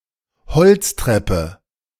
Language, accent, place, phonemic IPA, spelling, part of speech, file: German, Germany, Berlin, /ˈhɔl(t)stʁɛpə/, Holztreppe, noun, De-Holztreppe.ogg
- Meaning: wooden staircase